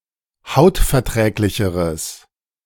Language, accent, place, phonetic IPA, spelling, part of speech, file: German, Germany, Berlin, [ˈhaʊ̯tfɛɐ̯ˌtʁɛːklɪçəʁəs], hautverträglicheres, adjective, De-hautverträglicheres.ogg
- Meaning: strong/mixed nominative/accusative neuter singular comparative degree of hautverträglich